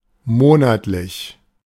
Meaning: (adjective) monthly; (adverb) monthly, every month
- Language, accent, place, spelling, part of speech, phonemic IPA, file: German, Germany, Berlin, monatlich, adjective / adverb, /ˈmoːnatlɪç/, De-monatlich.ogg